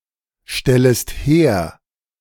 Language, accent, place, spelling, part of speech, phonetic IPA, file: German, Germany, Berlin, stellest her, verb, [ˌʃtɛləst ˈheːɐ̯], De-stellest her.ogg
- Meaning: second-person singular subjunctive I of herstellen